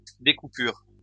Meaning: 1. indentation 2. herald (moth, Scoliopteryx libatrix)
- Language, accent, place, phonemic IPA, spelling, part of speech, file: French, France, Lyon, /de.ku.pyʁ/, découpure, noun, LL-Q150 (fra)-découpure.wav